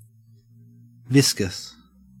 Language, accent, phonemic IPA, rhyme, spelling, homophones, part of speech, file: English, Australia, /ˈvɪs.kəs/, -ɪskəs, viscous, viscus, adjective, En-au-viscous.ogg
- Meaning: 1. Having a thick, sticky consistency between solid and liquid (that is, a high viscosity) 2. Of or pertaining to viscosity